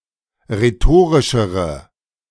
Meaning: inflection of rhetorisch: 1. strong/mixed nominative/accusative feminine singular comparative degree 2. strong nominative/accusative plural comparative degree
- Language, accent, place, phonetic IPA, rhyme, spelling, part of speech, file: German, Germany, Berlin, [ʁeˈtoːʁɪʃəʁə], -oːʁɪʃəʁə, rhetorischere, adjective, De-rhetorischere.ogg